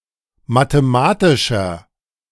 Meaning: 1. comparative degree of mathematisch 2. inflection of mathematisch: strong/mixed nominative masculine singular 3. inflection of mathematisch: strong genitive/dative feminine singular
- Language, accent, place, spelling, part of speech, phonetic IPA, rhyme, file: German, Germany, Berlin, mathematischer, adjective, [mateˈmaːtɪʃɐ], -aːtɪʃɐ, De-mathematischer.ogg